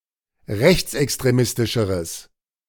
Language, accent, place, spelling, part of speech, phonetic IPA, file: German, Germany, Berlin, rechtsextremistischeres, adjective, [ˈʁɛçt͡sʔɛkstʁeˌmɪstɪʃəʁəs], De-rechtsextremistischeres.ogg
- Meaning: strong/mixed nominative/accusative neuter singular comparative degree of rechtsextremistisch